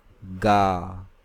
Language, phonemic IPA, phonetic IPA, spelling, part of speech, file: Hindi, /ɡɑː/, [ɡäː], गा, verb, Hi-गा.ogg
- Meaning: inflection of गाना (gānā): 1. stem 2. second-person singular present imperative